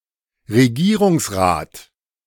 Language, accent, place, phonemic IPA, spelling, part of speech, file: German, Germany, Berlin, /ʁəˈɡiːʁʊŋsˌʁaːt/, Regierungsrat, noun, De-Regierungsrat.ogg
- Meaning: 1. governing council (often regional or local) 2. Conseil d'État (council constituting the cantonal government) 3. a member of the Conseil d'État